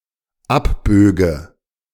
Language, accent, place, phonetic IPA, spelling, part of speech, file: German, Germany, Berlin, [ˈapˌbøːɡə], abböge, verb, De-abböge.ogg
- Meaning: first/third-person singular dependent subjunctive II of abbiegen